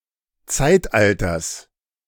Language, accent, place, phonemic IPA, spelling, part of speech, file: German, Germany, Berlin, /ˈtsaɪ̯tˌʔaltɐs/, Zeitalters, noun, De-Zeitalters.ogg
- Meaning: genitive singular of Zeitalter